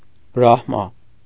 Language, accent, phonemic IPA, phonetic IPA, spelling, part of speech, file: Armenian, Eastern Armenian, /bɾɑhˈmɑ/, [bɾɑhmɑ́], Բրահմա, proper noun, Hy-Բրահմա.ogg
- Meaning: Brahma